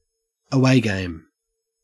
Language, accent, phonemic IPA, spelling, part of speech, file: English, Australia, /əˈweɪ ɡeɪm/, away game, noun, En-au-away game.ogg
- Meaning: An athletic contest played away from the team's home field